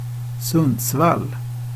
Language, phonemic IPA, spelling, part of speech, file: Swedish, /ˈsɵnː(d)sval/, Sundsvall, proper noun, Sv-Sundsvall.ogg
- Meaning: a town in central Sweden